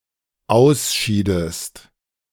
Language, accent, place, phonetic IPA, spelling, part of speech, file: German, Germany, Berlin, [ˈaʊ̯sˌʃiːdəst], ausschiedest, verb, De-ausschiedest.ogg
- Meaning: inflection of ausscheiden: 1. second-person singular dependent preterite 2. second-person singular dependent subjunctive II